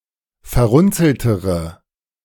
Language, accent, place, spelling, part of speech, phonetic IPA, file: German, Germany, Berlin, verrunzeltere, adjective, [fɛɐ̯ˈʁʊnt͡sl̩təʁə], De-verrunzeltere.ogg
- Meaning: inflection of verrunzelt: 1. strong/mixed nominative/accusative feminine singular comparative degree 2. strong nominative/accusative plural comparative degree